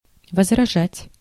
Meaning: to object, to mind, to protest
- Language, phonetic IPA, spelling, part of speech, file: Russian, [vəzrɐˈʐatʲ], возражать, verb, Ru-возражать.ogg